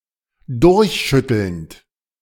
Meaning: present participle of durchschütteln
- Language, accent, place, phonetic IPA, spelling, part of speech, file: German, Germany, Berlin, [ˈdʊʁçˌʃʏtl̩nt], durchschüttelnd, verb, De-durchschüttelnd.ogg